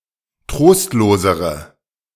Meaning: inflection of trostlos: 1. strong/mixed nominative/accusative feminine singular comparative degree 2. strong nominative/accusative plural comparative degree
- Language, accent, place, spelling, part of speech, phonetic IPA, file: German, Germany, Berlin, trostlosere, adjective, [ˈtʁoːstloːzəʁə], De-trostlosere.ogg